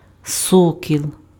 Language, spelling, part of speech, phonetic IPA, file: Ukrainian, сокіл, noun, [ˈsɔkʲiɫ], Uk-сокіл.ogg
- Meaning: 1. falcon 2. a boy or man with celebrated beauty or courage